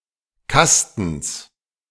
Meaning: genitive singular of Kasten
- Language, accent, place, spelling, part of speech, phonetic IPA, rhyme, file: German, Germany, Berlin, Kastens, noun, [ˈkastn̩s], -astn̩s, De-Kastens.ogg